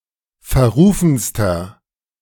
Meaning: inflection of verrufen: 1. strong/mixed nominative masculine singular superlative degree 2. strong genitive/dative feminine singular superlative degree 3. strong genitive plural superlative degree
- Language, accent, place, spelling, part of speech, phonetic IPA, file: German, Germany, Berlin, verrufenster, adjective, [fɛɐ̯ˈʁuːfn̩stɐ], De-verrufenster.ogg